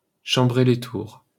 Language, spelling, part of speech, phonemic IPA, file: French, Tours, proper noun, /tuʁ/, LL-Q150 (fra)-Tours.wav
- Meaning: Tours (a city, the prefecture of Indre-et-Loire department, Centre-Val de Loire, France)